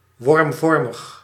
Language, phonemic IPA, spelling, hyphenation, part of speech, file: Dutch, /ˈʋɔrmˌvɔr.məx/, wormvormig, worm‧vor‧mig, adjective, Nl-wormvormig.ogg
- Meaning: vermiform